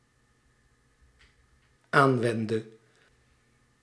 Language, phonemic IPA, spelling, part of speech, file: Dutch, /ˈaɱwɛndə/, aanwende, verb, Nl-aanwende.ogg
- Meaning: singular dependent-clause present subjunctive of aanwenden